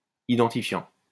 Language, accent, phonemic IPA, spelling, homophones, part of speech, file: French, France, /i.dɑ̃.ti.fjɑ̃/, identifiant, identifiants, noun / verb, LL-Q150 (fra)-identifiant.wav
- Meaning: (noun) 1. login 2. identifier (primary key); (verb) present participle of identifier